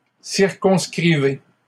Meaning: inflection of circonscrire: 1. second-person plural present indicative 2. second-person plural imperative
- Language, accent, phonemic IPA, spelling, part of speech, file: French, Canada, /siʁ.kɔ̃s.kʁi.ve/, circonscrivez, verb, LL-Q150 (fra)-circonscrivez.wav